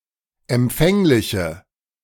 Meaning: inflection of empfänglich: 1. strong/mixed nominative/accusative feminine singular 2. strong nominative/accusative plural 3. weak nominative all-gender singular
- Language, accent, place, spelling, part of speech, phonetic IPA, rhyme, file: German, Germany, Berlin, empfängliche, adjective, [ɛmˈp͡fɛŋlɪçə], -ɛŋlɪçə, De-empfängliche.ogg